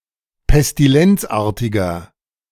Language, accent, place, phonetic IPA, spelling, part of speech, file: German, Germany, Berlin, [pɛstiˈlɛnt͡sˌʔaːɐ̯tɪɡɐ], pestilenzartiger, adjective, De-pestilenzartiger.ogg
- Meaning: inflection of pestilenzartig: 1. strong/mixed nominative masculine singular 2. strong genitive/dative feminine singular 3. strong genitive plural